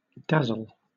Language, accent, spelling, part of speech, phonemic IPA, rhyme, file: English, Southern England, dazzle, verb / noun, /ˈdæzəl/, -æzəl, LL-Q1860 (eng)-dazzle.wav
- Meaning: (verb) To confuse or overpower the sight of (someone or something, such as a sensor) by means of excessive brightness